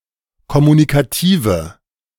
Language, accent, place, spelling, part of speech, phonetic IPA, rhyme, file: German, Germany, Berlin, kommunikative, adjective, [kɔmunikaˈtiːvə], -iːvə, De-kommunikative.ogg
- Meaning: inflection of kommunikativ: 1. strong/mixed nominative/accusative feminine singular 2. strong nominative/accusative plural 3. weak nominative all-gender singular